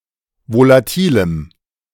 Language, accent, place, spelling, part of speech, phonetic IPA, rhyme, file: German, Germany, Berlin, volatilem, adjective, [volaˈtiːləm], -iːləm, De-volatilem.ogg
- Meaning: strong dative masculine/neuter singular of volatil